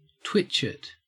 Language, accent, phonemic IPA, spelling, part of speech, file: English, Australia, /ˈtwɪt͡ʃɪt/, twitchet, noun, En-au-twitchet.ogg
- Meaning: The vulva or vagina